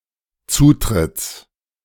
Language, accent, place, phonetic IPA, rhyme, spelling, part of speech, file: German, Germany, Berlin, [ˈt͡suːtʁɪt͡s], -uːtʁɪt͡s, Zutritts, noun, De-Zutritts.ogg
- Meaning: genitive singular of Zutritt